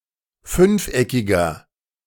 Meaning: inflection of fünfeckig: 1. strong/mixed nominative masculine singular 2. strong genitive/dative feminine singular 3. strong genitive plural
- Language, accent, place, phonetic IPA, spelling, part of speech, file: German, Germany, Berlin, [ˈfʏnfˌʔɛkɪɡɐ], fünfeckiger, adjective, De-fünfeckiger.ogg